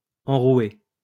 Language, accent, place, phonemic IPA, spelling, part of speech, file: French, France, Lyon, /ɑ̃.ʁwe/, enroué, verb / adjective, LL-Q150 (fra)-enroué.wav
- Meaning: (verb) past participle of enrouer; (adjective) hoarse, husky